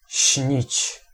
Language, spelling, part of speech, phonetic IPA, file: Polish, śnić, verb, [ɕɲit͡ɕ], Pl-śnić.ogg